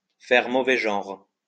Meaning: to make a bad impression, to give a bad impression, to make someone look bad and disreputable
- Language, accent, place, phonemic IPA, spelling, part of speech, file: French, France, Lyon, /fɛʁ mo.vɛ ʒɑ̃ʁ/, faire mauvais genre, verb, LL-Q150 (fra)-faire mauvais genre.wav